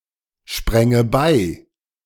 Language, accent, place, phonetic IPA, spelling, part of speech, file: German, Germany, Berlin, [ˌʃpʁɛŋə ˈbaɪ̯], spränge bei, verb, De-spränge bei.ogg
- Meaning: first/third-person singular subjunctive II of beispringen